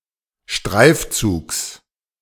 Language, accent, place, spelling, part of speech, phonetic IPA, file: German, Germany, Berlin, Streifzugs, noun, [ˈʃtʁaɪ̯fˌt͡suːks], De-Streifzugs.ogg
- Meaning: genitive singular of Streifzug